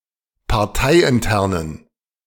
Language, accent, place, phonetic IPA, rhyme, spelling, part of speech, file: German, Germany, Berlin, [paʁˈtaɪ̯ʔɪnˌtɛʁnən], -aɪ̯ʔɪntɛʁnən, parteiinternen, adjective, De-parteiinternen.ogg
- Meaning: inflection of parteiintern: 1. strong genitive masculine/neuter singular 2. weak/mixed genitive/dative all-gender singular 3. strong/weak/mixed accusative masculine singular 4. strong dative plural